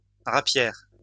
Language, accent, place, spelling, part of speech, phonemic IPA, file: French, France, Lyon, rapière, noun, /ʁa.pjɛʁ/, LL-Q150 (fra)-rapière.wav
- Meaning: rapier (sword)